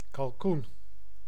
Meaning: a turkey; any bird of genus Meleagris, particularly Meleagris gallopavo
- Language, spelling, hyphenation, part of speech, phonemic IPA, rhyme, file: Dutch, kalkoen, kal‧koen, noun, /kɑlˈkun/, -un, Nl-kalkoen.ogg